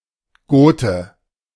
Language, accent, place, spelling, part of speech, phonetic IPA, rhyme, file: German, Germany, Berlin, Gote, noun, [ˈɡoːtə], -oːtə, De-Gote.ogg
- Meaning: Goth (male or of unspecified gender) (a person belonging to the Gothic people)